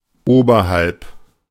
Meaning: above
- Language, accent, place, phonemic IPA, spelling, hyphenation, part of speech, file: German, Germany, Berlin, /ˈoːbɐhalp/, oberhalb, ober‧halb, preposition, De-oberhalb.ogg